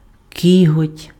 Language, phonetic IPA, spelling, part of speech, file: Ukrainian, [ˈkʲiɦɔtʲ], кіготь, noun, Uk-кіготь.ogg
- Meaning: claw